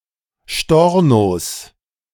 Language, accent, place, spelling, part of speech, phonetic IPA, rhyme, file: German, Germany, Berlin, Stornos, noun, [ˈʃtɔʁnos], -ɔʁnos, De-Stornos.ogg
- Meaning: plural of Storno